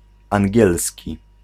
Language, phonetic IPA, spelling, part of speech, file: Polish, [ãŋʲˈɟɛlsʲci], angielski, adjective / noun, Pl-angielski.ogg